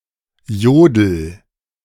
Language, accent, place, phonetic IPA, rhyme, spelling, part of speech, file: German, Germany, Berlin, [ˈjoːdl̩], -oːdl̩, jodel, verb, De-jodel.ogg
- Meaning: inflection of jodeln: 1. first-person singular present 2. singular imperative